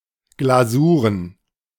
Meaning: plural of Glasur
- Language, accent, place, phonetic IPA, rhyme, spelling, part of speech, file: German, Germany, Berlin, [ˌɡlaˈzuːʁən], -uːʁən, Glasuren, noun, De-Glasuren.ogg